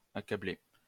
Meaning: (verb) past participle of accabler; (adjective) 1. stricken 2. afflicted
- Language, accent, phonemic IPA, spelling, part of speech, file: French, France, /a.ka.ble/, accablé, verb / adjective, LL-Q150 (fra)-accablé.wav